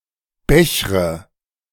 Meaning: inflection of bechern: 1. first-person singular present 2. first/third-person singular subjunctive I 3. singular imperative
- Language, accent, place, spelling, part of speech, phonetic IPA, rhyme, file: German, Germany, Berlin, bechre, verb, [ˈbɛçʁə], -ɛçʁə, De-bechre.ogg